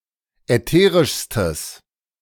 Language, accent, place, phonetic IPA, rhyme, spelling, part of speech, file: German, Germany, Berlin, [ɛˈteːʁɪʃstəs], -eːʁɪʃstəs, ätherischstes, adjective, De-ätherischstes.ogg
- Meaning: strong/mixed nominative/accusative neuter singular superlative degree of ätherisch